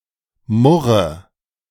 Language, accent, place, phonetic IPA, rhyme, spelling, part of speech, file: German, Germany, Berlin, [ˈmʊʁə], -ʊʁə, murre, verb, De-murre.ogg
- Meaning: inflection of murren: 1. first-person singular present 2. singular imperative 3. first/third-person singular subjunctive I